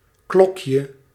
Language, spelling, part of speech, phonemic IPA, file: Dutch, klokje, noun, /ˈklɔkjə/, Nl-klokje.ogg
- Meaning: 1. diminutive of klok 2. a bellflower; a plant of the family Campanulaceae 3. any of various lifeforms somewhat resembling a bell